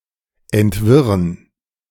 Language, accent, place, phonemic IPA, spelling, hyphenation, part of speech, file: German, Germany, Berlin, /ɛntˈvɪʁən/, entwirren, ent‧wir‧ren, verb, De-entwirren.ogg
- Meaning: to disentangle, to unravel